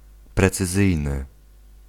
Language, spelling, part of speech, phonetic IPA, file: Polish, precyzyjny, adjective, [ˌprɛt͡sɨˈzɨjnɨ], Pl-precyzyjny.ogg